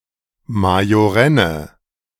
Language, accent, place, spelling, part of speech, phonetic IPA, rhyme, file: German, Germany, Berlin, majorenne, adjective, [majoˈʁɛnə], -ɛnə, De-majorenne.ogg
- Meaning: inflection of majorenn: 1. strong/mixed nominative/accusative feminine singular 2. strong nominative/accusative plural 3. weak nominative all-gender singular